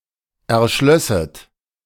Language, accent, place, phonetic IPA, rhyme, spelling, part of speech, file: German, Germany, Berlin, [ɛɐ̯ˈʃlœsət], -œsət, erschlösset, verb, De-erschlösset.ogg
- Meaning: second-person plural subjunctive II of erschließen